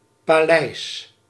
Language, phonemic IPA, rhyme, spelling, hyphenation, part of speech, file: Dutch, /paːˈlɛi̯s/, -ɛi̯s, paleis, pa‧leis, noun, Nl-paleis.ogg
- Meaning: palace